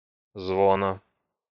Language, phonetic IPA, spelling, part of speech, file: Russian, [ˈzvonə], звона, noun, Ru-звона.ogg
- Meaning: genitive singular of звон (zvon)